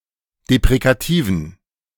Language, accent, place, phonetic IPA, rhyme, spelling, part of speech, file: German, Germany, Berlin, [depʁekaˈtiːvn̩], -iːvn̩, deprekativen, adjective, De-deprekativen.ogg
- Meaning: inflection of deprekativ: 1. strong genitive masculine/neuter singular 2. weak/mixed genitive/dative all-gender singular 3. strong/weak/mixed accusative masculine singular 4. strong dative plural